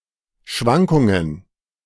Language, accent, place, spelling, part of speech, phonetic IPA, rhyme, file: German, Germany, Berlin, Schwankungen, noun, [ˈʃvaŋkʊŋən], -aŋkʊŋən, De-Schwankungen.ogg
- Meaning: plural of Schwankung